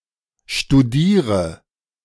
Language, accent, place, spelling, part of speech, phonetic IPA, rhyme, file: German, Germany, Berlin, studiere, verb, [ʃtuˈdiːʁə], -iːʁə, De-studiere.ogg
- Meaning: inflection of studieren: 1. first-person singular present 2. first/third-person singular subjunctive I 3. singular imperative